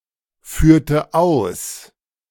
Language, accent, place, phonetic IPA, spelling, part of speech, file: German, Germany, Berlin, [ˌfyːɐ̯tə ˈaʊ̯s], führte aus, verb, De-führte aus.ogg
- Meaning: inflection of ausführen: 1. first/third-person singular preterite 2. first/third-person singular subjunctive II